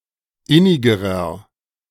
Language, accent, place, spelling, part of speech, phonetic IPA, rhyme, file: German, Germany, Berlin, innigerer, adjective, [ˈɪnɪɡəʁɐ], -ɪnɪɡəʁɐ, De-innigerer.ogg
- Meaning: inflection of innig: 1. strong/mixed nominative masculine singular comparative degree 2. strong genitive/dative feminine singular comparative degree 3. strong genitive plural comparative degree